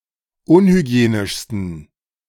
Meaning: 1. superlative degree of unhygienisch 2. inflection of unhygienisch: strong genitive masculine/neuter singular superlative degree
- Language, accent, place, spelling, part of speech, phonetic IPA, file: German, Germany, Berlin, unhygienischsten, adjective, [ˈʊnhyˌɡi̯eːnɪʃstn̩], De-unhygienischsten.ogg